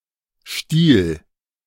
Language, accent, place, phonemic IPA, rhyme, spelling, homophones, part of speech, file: German, Germany, Berlin, /ʃtiːl/, -iːl, Stiel, Stil / stiehl, noun, De-Stiel.ogg
- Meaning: 1. stalk (thin stem) 2. stipe 3. a long, fairly thin protrusion, e.g. the handle of a broom or the stem of a wine glass 4. a stick attached to foods such as lollipops, popsicles, and ice cream pops